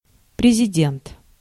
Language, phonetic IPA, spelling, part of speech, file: Russian, [prʲɪzʲɪˈdʲent], президент, noun, Ru-президент.ogg
- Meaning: president (the head of state of a republic, the primary leader of a corporation, male or female)